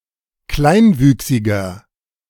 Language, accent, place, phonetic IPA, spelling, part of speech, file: German, Germany, Berlin, [ˈklaɪ̯nˌvyːksɪɡɐ], kleinwüchsiger, adjective, De-kleinwüchsiger.ogg
- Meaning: inflection of kleinwüchsig: 1. strong/mixed nominative masculine singular 2. strong genitive/dative feminine singular 3. strong genitive plural